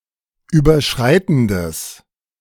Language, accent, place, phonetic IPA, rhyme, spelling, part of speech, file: German, Germany, Berlin, [ˌyːbɐˈʃʁaɪ̯tn̩dəs], -aɪ̯tn̩dəs, überschreitendes, adjective, De-überschreitendes.ogg
- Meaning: strong/mixed nominative/accusative neuter singular of überschreitend